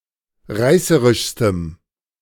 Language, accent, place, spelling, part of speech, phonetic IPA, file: German, Germany, Berlin, reißerischstem, adjective, [ˈʁaɪ̯səʁɪʃstəm], De-reißerischstem.ogg
- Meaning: strong dative masculine/neuter singular superlative degree of reißerisch